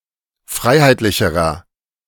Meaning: inflection of freiheitlich: 1. strong/mixed nominative masculine singular comparative degree 2. strong genitive/dative feminine singular comparative degree 3. strong genitive plural comparative degree
- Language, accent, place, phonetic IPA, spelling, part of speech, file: German, Germany, Berlin, [ˈfʁaɪ̯haɪ̯tlɪçəʁɐ], freiheitlicherer, adjective, De-freiheitlicherer.ogg